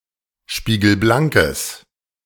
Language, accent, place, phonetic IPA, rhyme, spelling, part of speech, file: German, Germany, Berlin, [ˌʃpiːɡl̩ˈblaŋkəs], -aŋkəs, spiegelblankes, adjective, De-spiegelblankes.ogg
- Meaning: strong/mixed nominative/accusative neuter singular of spiegelblank